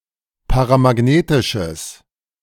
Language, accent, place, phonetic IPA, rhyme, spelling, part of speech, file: German, Germany, Berlin, [paʁamaˈɡneːtɪʃəs], -eːtɪʃəs, paramagnetisches, adjective, De-paramagnetisches.ogg
- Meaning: strong/mixed nominative/accusative neuter singular of paramagnetisch